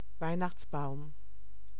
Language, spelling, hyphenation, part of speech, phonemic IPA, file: German, Weihnachtsbaum, Weih‧nachts‧baum, noun, /ˈvaɪ̯naxt͡sˌbaʊ̯m/, De-Weihnachtsbaum.ogg
- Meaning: Christmas tree